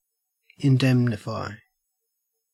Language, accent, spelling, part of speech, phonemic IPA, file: English, Australia, indemnify, verb, /ɪnˈdɛm.nɪ.faɪ/, En-au-indemnify.ogg
- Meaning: 1. To secure against loss or damage; to insure 2. To compensate or reimburse someone for some expense or injury 3. to hurt, to harm